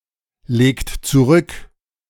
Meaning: inflection of zurücklegen: 1. third-person singular present 2. second-person plural present 3. plural imperative
- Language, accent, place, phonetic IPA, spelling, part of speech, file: German, Germany, Berlin, [ˌleːkt t͡suˈʁʏk], legt zurück, verb, De-legt zurück.ogg